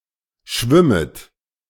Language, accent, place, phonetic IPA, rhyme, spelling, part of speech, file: German, Germany, Berlin, [ˈʃvɪmət], -ɪmət, schwimmet, verb, De-schwimmet.ogg
- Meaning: second-person plural subjunctive I of schwimmen